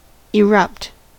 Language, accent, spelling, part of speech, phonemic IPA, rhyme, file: English, US, erupt, verb, /ɪˈɹʌpt/, -ʌpt, En-us-erupt.ogg
- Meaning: 1. To eject something violently (such as lava or water, as from a volcano or geyser) 2. To burst forth; to break out 3. To spontaneously release pressure or tension